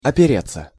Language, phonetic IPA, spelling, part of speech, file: Russian, [ɐpʲɪˈrʲet͡sːə], опереться, verb, Ru-опереться.ogg
- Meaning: 1. to lean, to rest 2. to rely (on), to depend on, to be guided (by)